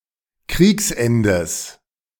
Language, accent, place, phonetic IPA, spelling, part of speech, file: German, Germany, Berlin, [ˈkʁiːksˌʔɛndəs], Kriegsendes, noun, De-Kriegsendes.ogg
- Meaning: genitive singular of Kriegsende